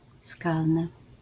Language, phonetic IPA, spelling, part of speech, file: Polish, [ˈskalnɨ], skalny, adjective, LL-Q809 (pol)-skalny.wav